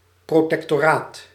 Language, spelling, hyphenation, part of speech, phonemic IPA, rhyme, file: Dutch, protectoraat, pro‧tec‧to‧raat, noun, /proː.tɛk.toːˈraːt/, -aːt, Nl-protectoraat.ogg
- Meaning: protectorate